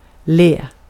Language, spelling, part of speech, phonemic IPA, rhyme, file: Swedish, le, verb, /leː/, -eː, Sv-le.ogg
- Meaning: 1. to smile 2. to smile: to grin (when more or less interchangeable with smile – for example of a more "genuine" or "beautiful" grin – compare flina and flin) 3. to laugh